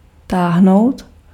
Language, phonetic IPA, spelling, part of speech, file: Czech, [ˈtaːɦnou̯t], táhnout, verb, Cs-táhnout.ogg
- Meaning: 1. to pull 2. to migrate 3. to scram 4. to have a (good) draught